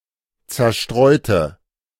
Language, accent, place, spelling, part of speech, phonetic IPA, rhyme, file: German, Germany, Berlin, zerstreute, adjective, [t͡sɛɐ̯ˈʃtʁɔɪ̯tə], -ɔɪ̯tə, De-zerstreute.ogg
- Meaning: inflection of zerstreuen: 1. first/third-person singular preterite 2. first/third-person singular subjunctive II